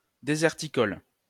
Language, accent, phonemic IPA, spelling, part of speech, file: French, France, /de.zɛʁ.ti.kɔl/, déserticole, adjective, LL-Q150 (fra)-déserticole.wav
- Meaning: deserticolous